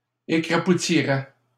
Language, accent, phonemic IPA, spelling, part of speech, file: French, Canada, /e.kʁa.pu.ti.ʁɛ/, écrapoutiraient, verb, LL-Q150 (fra)-écrapoutiraient.wav
- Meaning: third-person plural conditional of écrapoutir